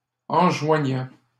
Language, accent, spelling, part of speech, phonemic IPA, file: French, Canada, enjoignant, verb, /ɑ̃.ʒwa.ɲɑ̃/, LL-Q150 (fra)-enjoignant.wav
- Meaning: present participle of enjoindre